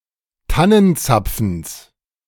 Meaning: genitive singular of Tannenzapfen
- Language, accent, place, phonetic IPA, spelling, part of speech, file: German, Germany, Berlin, [ˈtanənˌt͡sap͡fn̩s], Tannenzapfens, noun, De-Tannenzapfens.ogg